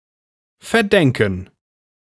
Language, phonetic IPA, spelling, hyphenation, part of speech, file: German, [fɛɐ̯ˈdɛŋkn̩], verdenken, ver‧den‧ken, verb, De-verdenken.ogg
- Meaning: to blame, hold against